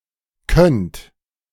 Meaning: second-person plural present of können
- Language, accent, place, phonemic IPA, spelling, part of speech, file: German, Germany, Berlin, /kœnt/, könnt, verb, De-könnt.ogg